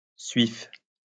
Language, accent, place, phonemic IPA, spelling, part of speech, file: French, France, Lyon, /sɥif/, suif, noun, LL-Q150 (fra)-suif.wav
- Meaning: 1. tallow 2. suet